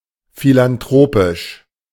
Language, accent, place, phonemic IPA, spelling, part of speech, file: German, Germany, Berlin, /filanˈtʁoːpɪʃ/, philanthropisch, adjective, De-philanthropisch.ogg
- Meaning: philanthropic